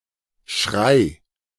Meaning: 1. shout, cry, scream 2. cry 3. craze
- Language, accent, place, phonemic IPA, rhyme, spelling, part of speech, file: German, Germany, Berlin, /ʃʁaɪ̯/, -aɪ̯, Schrei, noun, De-Schrei.ogg